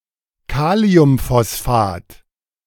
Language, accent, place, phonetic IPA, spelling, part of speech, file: German, Germany, Berlin, [ˈkaːli̯ʊmfɔsˌfaːt], Kaliumphosphat, noun, De-Kaliumphosphat.ogg
- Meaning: potassium phosphate